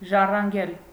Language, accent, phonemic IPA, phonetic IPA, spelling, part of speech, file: Armenian, Eastern Armenian, /ʒɑrɑnˈɡel/, [ʒɑrɑŋɡél], ժառանգել, verb, Hy-ժառանգել.ogg
- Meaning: 1. to inherit 2. to bequeath